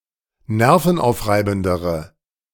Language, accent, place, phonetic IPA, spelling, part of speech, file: German, Germany, Berlin, [ˈnɛʁfn̩ˌʔaʊ̯fʁaɪ̯bn̩dəʁə], nervenaufreibendere, adjective, De-nervenaufreibendere.ogg
- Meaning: inflection of nervenaufreibend: 1. strong/mixed nominative/accusative feminine singular comparative degree 2. strong nominative/accusative plural comparative degree